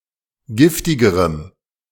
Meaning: strong dative masculine/neuter singular comparative degree of giftig
- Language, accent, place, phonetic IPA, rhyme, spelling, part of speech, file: German, Germany, Berlin, [ˈɡɪftɪɡəʁəm], -ɪftɪɡəʁəm, giftigerem, adjective, De-giftigerem.ogg